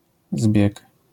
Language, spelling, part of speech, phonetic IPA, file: Polish, zbieg, noun, [zbʲjɛk], LL-Q809 (pol)-zbieg.wav